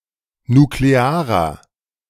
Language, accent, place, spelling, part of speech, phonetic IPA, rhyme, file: German, Germany, Berlin, nuklearer, adjective, [nukleˈaːʁɐ], -aːʁɐ, De-nuklearer.ogg
- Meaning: inflection of nuklear: 1. strong/mixed nominative masculine singular 2. strong genitive/dative feminine singular 3. strong genitive plural